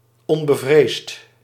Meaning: fearless, unperturbed
- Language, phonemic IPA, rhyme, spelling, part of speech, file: Dutch, /ˌɔn.bəˈvreːst/, -eːst, onbevreesd, adjective, Nl-onbevreesd.ogg